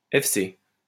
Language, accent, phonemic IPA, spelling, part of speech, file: French, France, /ɛf.se/, FC, proper noun, LL-Q150 (fra)-FC.wav
- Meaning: initialism of Forces canadiennes; CF (Canadian Forces)